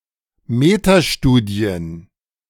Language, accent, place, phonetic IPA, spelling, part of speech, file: German, Germany, Berlin, [ˈmeːtaˌʃtuːdi̯ən], Metastudien, noun, De-Metastudien.ogg
- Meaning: plural of Metastudie